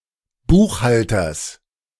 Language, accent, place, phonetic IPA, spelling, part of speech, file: German, Germany, Berlin, [ˈbuːxˌhaltɐs], Buchhalters, noun, De-Buchhalters.ogg
- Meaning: genitive singular of Buchhalter